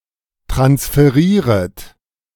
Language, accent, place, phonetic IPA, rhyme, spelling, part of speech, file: German, Germany, Berlin, [tʁansfəˈʁiːʁət], -iːʁət, transferieret, verb, De-transferieret.ogg
- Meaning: second-person plural subjunctive I of transferieren